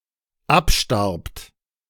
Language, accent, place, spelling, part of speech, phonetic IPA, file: German, Germany, Berlin, abstarbt, verb, [ˈapˌʃtaʁpt], De-abstarbt.ogg
- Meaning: second-person plural dependent preterite of absterben